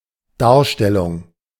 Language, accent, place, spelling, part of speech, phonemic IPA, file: German, Germany, Berlin, Darstellung, noun, /ˈdaːɐ̯ˌʃtɛlʊŋ/, De-Darstellung.ogg
- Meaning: 1. exhibition 2. depiction, presentation 3. description, statement 4. representation 5. performance, production (theatrical) 6. recital